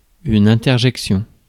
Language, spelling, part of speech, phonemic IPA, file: French, interjection, noun, /ɛ̃.tɛʁ.ʒɛk.sjɔ̃/, Fr-interjection.ogg
- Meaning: interjection